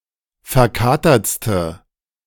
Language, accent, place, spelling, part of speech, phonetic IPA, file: German, Germany, Berlin, verkatertste, adjective, [fɛɐ̯ˈkaːtɐt͡stə], De-verkatertste.ogg
- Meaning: inflection of verkatert: 1. strong/mixed nominative/accusative feminine singular superlative degree 2. strong nominative/accusative plural superlative degree